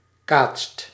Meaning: inflection of kaatsen: 1. second/third-person singular present indicative 2. plural imperative
- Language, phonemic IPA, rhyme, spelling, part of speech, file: Dutch, /kaːtst/, -aːtst, kaatst, verb, Nl-kaatst.ogg